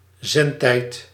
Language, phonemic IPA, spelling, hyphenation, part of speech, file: Dutch, /ˈzɛn.tɛi̯t/, zendtijd, zend‧tijd, noun, Nl-zendtijd.ogg
- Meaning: airtime, broadcasting time, transmission time